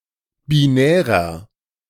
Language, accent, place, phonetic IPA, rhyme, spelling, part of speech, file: German, Germany, Berlin, [biˈnɛːʁɐ], -ɛːʁɐ, binärer, adjective, De-binärer.ogg
- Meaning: inflection of binär: 1. strong/mixed nominative masculine singular 2. strong genitive/dative feminine singular 3. strong genitive plural